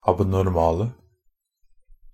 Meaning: 1. definite singular of abnormal 2. plural of abnormal
- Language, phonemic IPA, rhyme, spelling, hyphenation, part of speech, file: Norwegian Bokmål, /abnɔrˈmɑːlə/, -ɑːlə, abnormale, ab‧nor‧ma‧le, adjective, Nb-abnormale.ogg